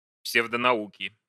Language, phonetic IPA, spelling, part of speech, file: Russian, [ˌpsʲevdənɐˈukʲɪ], псевдонауки, noun, Ru-псевдонауки.ogg
- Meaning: inflection of псевдонау́ка (psevdonaúka): 1. genitive singular 2. nominative/accusative plural